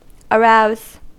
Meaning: 1. To stimulate or induce (feelings); pique 2. To sexually stimulate 3. To sexually stimulate.: To cause an erection of the penis or other physical signs of sexual arousal, such as fluid secretion
- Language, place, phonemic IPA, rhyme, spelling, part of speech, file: English, California, /əˈɹaʊz/, -aʊz, arouse, verb, En-us-arouse.ogg